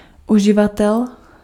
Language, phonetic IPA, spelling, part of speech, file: Czech, [ˈuʒɪvatɛl], uživatel, noun, Cs-uživatel.ogg
- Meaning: user